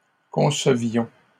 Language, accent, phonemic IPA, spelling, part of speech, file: French, Canada, /kɔ̃.sə.vjɔ̃/, concevions, verb, LL-Q150 (fra)-concevions.wav
- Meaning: inflection of concevoir: 1. first-person plural imperfect indicative 2. first-person plural present subjunctive